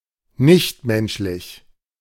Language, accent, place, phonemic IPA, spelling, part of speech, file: German, Germany, Berlin, /ˈnɪçtˌmɛnʃlɪç/, nichtmenschlich, adjective, De-nichtmenschlich.ogg
- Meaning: nonhuman